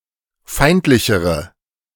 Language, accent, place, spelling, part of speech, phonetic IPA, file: German, Germany, Berlin, feindlichere, adjective, [ˈfaɪ̯ntlɪçəʁə], De-feindlichere.ogg
- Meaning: inflection of feindlich: 1. strong/mixed nominative/accusative feminine singular comparative degree 2. strong nominative/accusative plural comparative degree